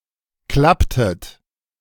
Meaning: inflection of klappen: 1. second-person plural preterite 2. second-person plural subjunctive II
- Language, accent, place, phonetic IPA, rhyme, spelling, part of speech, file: German, Germany, Berlin, [ˈklaptət], -aptət, klapptet, verb, De-klapptet.ogg